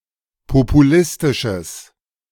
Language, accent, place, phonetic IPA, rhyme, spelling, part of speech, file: German, Germany, Berlin, [popuˈlɪstɪʃəs], -ɪstɪʃəs, populistisches, adjective, De-populistisches.ogg
- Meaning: strong/mixed nominative/accusative neuter singular of populistisch